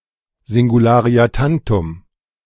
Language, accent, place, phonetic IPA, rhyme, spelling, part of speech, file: German, Germany, Berlin, [zɪŋɡuˌlaːʁiaˈtantʊm], -antʊm, Singulariatantum, noun, De-Singulariatantum.ogg
- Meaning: plural of Singularetantum